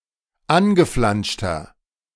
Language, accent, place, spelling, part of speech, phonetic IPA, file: German, Germany, Berlin, angeflanschter, adjective, [ˈanɡəˌflanʃtɐ], De-angeflanschter.ogg
- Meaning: inflection of angeflanscht: 1. strong/mixed nominative masculine singular 2. strong genitive/dative feminine singular 3. strong genitive plural